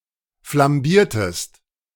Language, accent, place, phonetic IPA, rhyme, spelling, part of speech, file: German, Germany, Berlin, [flamˈbiːɐ̯təst], -iːɐ̯təst, flambiertest, verb, De-flambiertest.ogg
- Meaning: inflection of flambieren: 1. second-person singular preterite 2. second-person singular subjunctive II